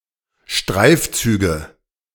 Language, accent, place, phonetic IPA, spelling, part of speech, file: German, Germany, Berlin, [ˈʃtʁaɪ̯fˌt͡syːɡə], Streifzüge, noun, De-Streifzüge.ogg
- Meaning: nominative/accusative/genitive plural of Streifzug (“ramble”)